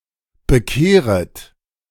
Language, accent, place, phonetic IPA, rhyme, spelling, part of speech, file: German, Germany, Berlin, [bəˈkeːʁət], -eːʁət, bekehret, verb, De-bekehret.ogg
- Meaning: second-person plural subjunctive I of bekehren